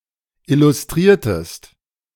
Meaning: inflection of illustrieren: 1. second-person singular preterite 2. second-person singular subjunctive II
- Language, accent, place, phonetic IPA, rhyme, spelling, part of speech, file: German, Germany, Berlin, [ˌɪlʊsˈtʁiːɐ̯təst], -iːɐ̯təst, illustriertest, verb, De-illustriertest.ogg